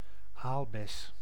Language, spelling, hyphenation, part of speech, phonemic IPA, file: Dutch, aalbes, aal‧bes, noun, /ˈaːl.bɛs/, Nl-aalbes.ogg
- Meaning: 1. red currant or white currant (Ribes rubrum) 2. the berry of this plant; a red or white currant